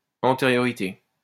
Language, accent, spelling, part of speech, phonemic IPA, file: French, France, antériorité, noun, /ɑ̃.te.ʁjɔ.ʁi.te/, LL-Q150 (fra)-antériorité.wav
- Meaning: anteriority (precedence in time)